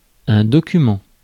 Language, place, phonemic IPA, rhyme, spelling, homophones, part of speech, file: French, Paris, /dɔ.ky.mɑ̃/, -ɑ̃, document, documents, noun, Fr-document.ogg
- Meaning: 1. document 2. file